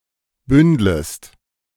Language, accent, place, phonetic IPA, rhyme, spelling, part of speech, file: German, Germany, Berlin, [ˈbʏndləst], -ʏndləst, bündlest, verb, De-bündlest.ogg
- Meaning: second-person singular subjunctive I of bündeln